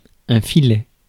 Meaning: 1. trickle, drizzle (of liquid etc.), wisp (of smoke) 2. fillet, filet (of meat) 3. frenulum, frenum 4. rule 5. fillet, listel 6. net
- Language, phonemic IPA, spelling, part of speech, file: French, /fi.lɛ/, filet, noun, Fr-filet.ogg